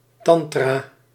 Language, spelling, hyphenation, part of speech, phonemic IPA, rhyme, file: Dutch, tantra, tan‧tra, noun, /ˈtɑn.traː/, -ɑntraː, Nl-tantra.ogg
- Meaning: 1. tantra (esoterical text) 2. tantrism